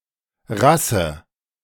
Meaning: 1. race (subspecies), breed 2. quality, class, classiness, temperament
- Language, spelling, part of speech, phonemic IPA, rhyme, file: German, Rasse, noun, /ˈʁasə/, -asə, De-Rasse.ogg